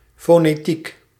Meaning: 1. the linguistic discipline phonetics, study of speech, sounds and their representation by written symbols 2. the correct use of speech and voice
- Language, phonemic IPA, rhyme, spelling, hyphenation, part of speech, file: Dutch, /ˌfoː.neːˈtik/, -ik, fonetiek, fo‧ne‧tiek, noun, Nl-fonetiek.ogg